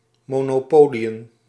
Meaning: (verb) to play Monopoly; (noun) plural of monopolie
- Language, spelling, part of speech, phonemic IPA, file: Dutch, monopoliën, verb / noun, /ˌmoː.noːˈpoːli.ə(n)/, Nl-monopoliën.ogg